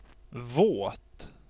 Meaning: wet
- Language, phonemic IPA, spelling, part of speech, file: Swedish, /voːt/, våt, adjective, Sv-våt.ogg